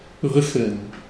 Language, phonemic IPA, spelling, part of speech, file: German, /ˈʁʏfəln/, rüffeln, verb, De-rüffeln.ogg
- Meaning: to reprimand